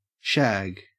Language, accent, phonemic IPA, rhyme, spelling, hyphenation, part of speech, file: English, Australia, /ˈʃæːɡ/, -æɡ, shag, shag, noun / verb / adjective, En-au-shag.ogg
- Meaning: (noun) 1. Matted material; rough massed hair, fibres etc 2. Coarse shredded tobacco 3. A type of rough carpet pile 4. Bacon or fat, especially if with some remaining hair or bristles